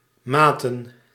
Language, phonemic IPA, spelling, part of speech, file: Dutch, /ˈmaːtə(n)/, maten, noun / verb, Nl-maten.ogg
- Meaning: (noun) plural of maat; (verb) inflection of meten: 1. plural past indicative 2. plural past subjunctive